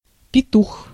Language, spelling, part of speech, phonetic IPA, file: Russian, петух, noun, [pʲɪˈtux], Ru-петух.ogg
- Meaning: 1. rooster, cock 2. impulsive, aggressive person or group